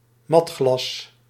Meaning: matt glass, matte glass; ground or frosted glass
- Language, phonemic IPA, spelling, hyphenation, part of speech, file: Dutch, /ˈmɑt.xlɑs/, matglas, mat‧glas, noun, Nl-matglas.ogg